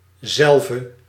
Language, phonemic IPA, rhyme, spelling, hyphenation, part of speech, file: Dutch, /ˈzɛl.və/, -ɛlvə, zelve, zel‧ve, pronoun, Nl-zelve.ogg
- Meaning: herself, itself... etc. normally used in terms that describe a model